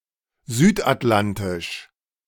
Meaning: South Atlantic
- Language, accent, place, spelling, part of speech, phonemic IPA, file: German, Germany, Berlin, südatlantisch, adjective, /ˈzyːtʔatˌlantɪʃ/, De-südatlantisch.ogg